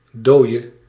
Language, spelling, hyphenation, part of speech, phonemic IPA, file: Dutch, dooie, dooie, adjective / noun / verb, /ˈdoːi̯.ə/, Nl-dooie.ogg
- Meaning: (adjective) inflection of dood: 1. masculine/feminine singular attributive 2. definite neuter singular attributive 3. plural attributive; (noun) alternative form of dode